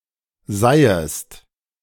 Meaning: dated form of seist, the second-person singular subjunctive I of sein
- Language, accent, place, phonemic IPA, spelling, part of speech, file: German, Germany, Berlin, /ˈzaɪ̯əst/, seiest, verb, De-seiest.ogg